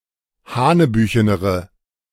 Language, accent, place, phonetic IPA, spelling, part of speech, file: German, Germany, Berlin, [ˈhaːnəˌbyːçənəʁə], hanebüchenere, adjective, De-hanebüchenere.ogg
- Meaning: inflection of hanebüchen: 1. strong/mixed nominative/accusative feminine singular comparative degree 2. strong nominative/accusative plural comparative degree